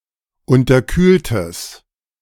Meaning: strong/mixed nominative/accusative neuter singular of unterkühlt
- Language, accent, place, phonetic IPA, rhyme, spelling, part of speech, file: German, Germany, Berlin, [ˌʊntɐˈkyːltəs], -yːltəs, unterkühltes, adjective, De-unterkühltes.ogg